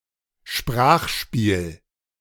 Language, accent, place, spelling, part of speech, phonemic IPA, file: German, Germany, Berlin, Sprachspiel, noun, /ˈʃpʁaːxˌʃpiːl/, De-Sprachspiel.ogg
- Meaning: language game